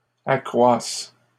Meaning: first/third-person singular present subjunctive of accroître
- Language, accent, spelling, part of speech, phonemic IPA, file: French, Canada, accroisse, verb, /a.kʁwas/, LL-Q150 (fra)-accroisse.wav